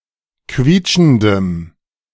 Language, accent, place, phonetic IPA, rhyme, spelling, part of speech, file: German, Germany, Berlin, [ˈkviːt͡ʃn̩dəm], -iːt͡ʃn̩dəm, quietschendem, adjective, De-quietschendem.ogg
- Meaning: strong dative masculine/neuter singular of quietschend